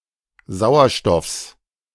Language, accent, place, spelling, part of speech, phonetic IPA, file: German, Germany, Berlin, Sauerstoffs, noun, [ˈzaʊ̯ɐˌʃtɔfs], De-Sauerstoffs.ogg
- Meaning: genitive singular of Sauerstoff